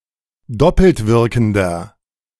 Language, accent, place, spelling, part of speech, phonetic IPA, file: German, Germany, Berlin, doppeltwirkender, adjective, [ˈdɔpl̩tˌvɪʁkn̩dɐ], De-doppeltwirkender.ogg
- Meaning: inflection of doppeltwirkend: 1. strong/mixed nominative masculine singular 2. strong genitive/dative feminine singular 3. strong genitive plural